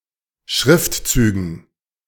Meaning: dative plural of Schriftzug
- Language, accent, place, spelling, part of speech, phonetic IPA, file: German, Germany, Berlin, Schriftzügen, noun, [ˈʃʁɪftˌt͡syːɡn̩], De-Schriftzügen.ogg